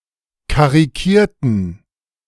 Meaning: inflection of karikieren: 1. first/third-person plural preterite 2. first/third-person plural subjunctive II
- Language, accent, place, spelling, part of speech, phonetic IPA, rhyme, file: German, Germany, Berlin, karikierten, adjective / verb, [kaʁiˈkiːɐ̯tn̩], -iːɐ̯tn̩, De-karikierten.ogg